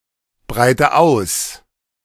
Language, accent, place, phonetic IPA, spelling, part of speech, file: German, Germany, Berlin, [ˌbʁaɪ̯tə ˈaʊ̯s], breite aus, verb, De-breite aus.ogg
- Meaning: inflection of ausbreiten: 1. first-person singular present 2. first/third-person singular subjunctive I 3. singular imperative